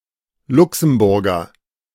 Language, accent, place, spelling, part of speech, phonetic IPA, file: German, Germany, Berlin, Luxemburger, noun, [ˈlʊksm̩ˌbʊʁɡɐ], De-Luxemburger.ogg
- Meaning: Luxembourger (person from Luxembourg)